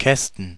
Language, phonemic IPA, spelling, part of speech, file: German, /ˈkɛstn̩/, Kästen, noun, De-Kästen.ogg
- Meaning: plural of Kasten